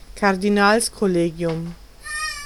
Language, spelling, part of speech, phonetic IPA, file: German, Kardinalskollegium, noun, [kaʁdiˈnaːlskɔˌleːɡi̯ʊm], De-Kardinalskollegium.ogg
- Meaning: the College of Cardinals